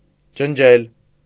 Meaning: 1. to wipe off, to clean, to delete, to erase 2. to destroy, to annihilate 3. to cross, to strike out
- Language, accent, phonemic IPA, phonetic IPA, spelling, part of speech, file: Armenian, Eastern Armenian, /d͡ʒənˈd͡ʒel/, [d͡ʒənd͡ʒél], ջնջել, verb, Hy-ջնջել.ogg